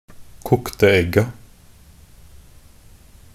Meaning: definite plural of kokt egg
- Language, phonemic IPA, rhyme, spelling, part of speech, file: Norwegian Bokmål, /ˈkʊktə ɛɡːa/, -ɛɡːa, kokte egga, noun, Nb-kokte egga.ogg